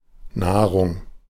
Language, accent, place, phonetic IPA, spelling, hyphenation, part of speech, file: German, Germany, Berlin, [ˈnaːʁʊŋ], Nahrung, Nah‧rung, noun, De-Nahrung.ogg
- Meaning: nourishment, food